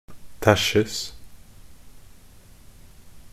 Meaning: passive form of tæsje
- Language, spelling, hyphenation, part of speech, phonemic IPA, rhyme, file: Norwegian Bokmål, tæsjes, tæsj‧es, verb, /ˈtæʃːəs/, -əs, Nb-tæsjes.ogg